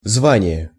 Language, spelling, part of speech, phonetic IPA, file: Russian, звание, noun, [ˈzvanʲɪje], Ru-звание.ogg
- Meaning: 1. title, rank, status (indicating qualifications, official recognition, etc.) 2. rank